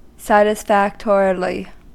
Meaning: In a satisfactory manner, in a manner adequate to requirements
- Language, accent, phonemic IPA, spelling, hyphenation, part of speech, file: English, US, /sætɪsˈfækt(ə)ɹɪli/, satisfactorily, sat‧is‧fac‧to‧ri‧ly, adverb, En-us-satisfactorily.ogg